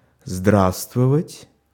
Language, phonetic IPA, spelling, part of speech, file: Russian, [ˈzdrastvəvətʲ], здравствовать, verb, Ru-здравствовать.ogg
- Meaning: to be well, to prosper, to thrive